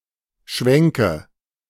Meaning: inflection of schwenken: 1. first-person singular present 2. first/third-person singular subjunctive I 3. singular imperative
- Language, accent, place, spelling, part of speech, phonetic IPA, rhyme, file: German, Germany, Berlin, schwenke, verb, [ˈʃvɛŋkə], -ɛŋkə, De-schwenke.ogg